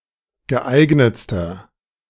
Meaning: inflection of geeignet: 1. strong/mixed nominative masculine singular superlative degree 2. strong genitive/dative feminine singular superlative degree 3. strong genitive plural superlative degree
- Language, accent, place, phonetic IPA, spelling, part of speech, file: German, Germany, Berlin, [ɡəˈʔaɪ̯ɡnət͡stɐ], geeignetster, adjective, De-geeignetster.ogg